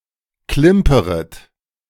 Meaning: second-person plural subjunctive I of klimpern
- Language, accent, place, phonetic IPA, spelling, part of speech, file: German, Germany, Berlin, [ˈklɪmpəʁət], klimperet, verb, De-klimperet.ogg